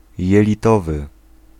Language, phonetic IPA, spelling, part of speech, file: Polish, [ˌjɛlʲiˈtɔvɨ], jelitowy, adjective, Pl-jelitowy.ogg